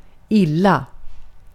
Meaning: 1. badly 2. poorly, not well 3. unpleasantly
- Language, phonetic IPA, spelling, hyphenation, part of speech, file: Swedish, [ˈɪlˌla], illa, il‧la, adverb, Sv-illa.ogg